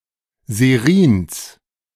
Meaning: genitive singular of Serin
- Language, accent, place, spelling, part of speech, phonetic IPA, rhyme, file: German, Germany, Berlin, Serins, noun, [zeˈʁiːns], -iːns, De-Serins.ogg